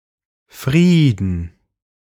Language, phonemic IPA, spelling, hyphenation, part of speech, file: German, /ˈfʁiːdn̩/, Frieden, Frie‧den, noun, De-Frieden.ogg
- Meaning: peace